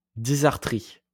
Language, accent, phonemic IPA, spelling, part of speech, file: French, France, /di.zaʁ.tʁi/, dysarthrie, noun, LL-Q150 (fra)-dysarthrie.wav
- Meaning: dysarthria